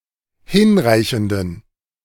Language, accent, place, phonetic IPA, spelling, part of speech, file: German, Germany, Berlin, [ˈhɪnˌʁaɪ̯çn̩dən], hinreichenden, adjective, De-hinreichenden.ogg
- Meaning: inflection of hinreichend: 1. strong genitive masculine/neuter singular 2. weak/mixed genitive/dative all-gender singular 3. strong/weak/mixed accusative masculine singular 4. strong dative plural